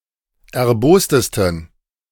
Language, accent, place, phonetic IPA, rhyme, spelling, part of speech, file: German, Germany, Berlin, [ɛɐ̯ˈboːstəstn̩], -oːstəstn̩, erbostesten, adjective, De-erbostesten.ogg
- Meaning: 1. superlative degree of erbost 2. inflection of erbost: strong genitive masculine/neuter singular superlative degree